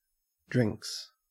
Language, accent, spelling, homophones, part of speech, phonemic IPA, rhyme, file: English, Australia, drinks, drynx, noun / verb, /dɹɪŋks/, -ɪŋks, En-au-drinks.ogg
- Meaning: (noun) 1. plural of drink 2. A short break in play to allow the players to have a drink, and for quick repairs to be made to equipment or the pitch